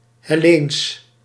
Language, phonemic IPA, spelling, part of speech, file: Dutch, /hɛˈlens/, Helleens, adjective, Nl-Helleens.ogg
- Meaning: Hellenic